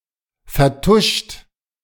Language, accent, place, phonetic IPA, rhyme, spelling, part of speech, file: German, Germany, Berlin, [fɛɐ̯ˈtʊʃt], -ʊʃt, vertuscht, verb, De-vertuscht.ogg
- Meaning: 1. past participle of vertuschen 2. inflection of vertuschen: second-person plural present 3. inflection of vertuschen: third-person singular present 4. inflection of vertuschen: plural imperative